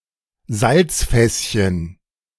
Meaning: saltcellar
- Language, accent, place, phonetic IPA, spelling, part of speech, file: German, Germany, Berlin, [ˈzalt͡sˌfɛsçən], Salzfässchen, noun, De-Salzfässchen.ogg